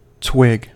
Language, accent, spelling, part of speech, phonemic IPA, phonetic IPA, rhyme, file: English, US, twig, noun / verb, /twɪɡ/, [tʰw̥ɪɡ], -ɪɡ, En-us-twig.ogg
- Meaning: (noun) 1. A small thin branch of a tree or bush 2. Somebody, or one of their body parts, not looking developed; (verb) To beat with twigs